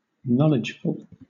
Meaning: Full of knowledge; knowledgeable
- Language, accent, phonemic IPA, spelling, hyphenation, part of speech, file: English, Southern England, /ˈnɒlɪd͡ʒfʊl/, knowledgeful, know‧ledge‧ful, adjective, LL-Q1860 (eng)-knowledgeful.wav